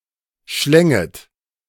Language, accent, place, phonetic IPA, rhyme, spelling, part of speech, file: German, Germany, Berlin, [ʃlɛŋət], -ɛŋət, schlänget, verb, De-schlänget.ogg
- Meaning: second-person plural subjunctive I of schlingen